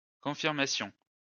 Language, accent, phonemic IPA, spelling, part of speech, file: French, France, /kɔ̃.fiʁ.ma.sjɔ̃/, confirmations, noun, LL-Q150 (fra)-confirmations.wav
- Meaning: plural of confirmation